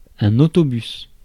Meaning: bus, coach (vehicle)
- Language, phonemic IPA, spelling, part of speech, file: French, /o.tɔ.bys/, autobus, noun, Fr-autobus.ogg